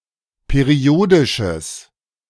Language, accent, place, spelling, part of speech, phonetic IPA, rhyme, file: German, Germany, Berlin, periodisches, adjective, [peˈʁi̯oːdɪʃəs], -oːdɪʃəs, De-periodisches.ogg
- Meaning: strong/mixed nominative/accusative neuter singular of periodisch